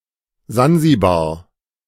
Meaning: Zanzibar
- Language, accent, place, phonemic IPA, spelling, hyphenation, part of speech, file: German, Germany, Berlin, /ˈzanzibaːɐ̯/, Sansibar, San‧si‧bar, proper noun, De-Sansibar.ogg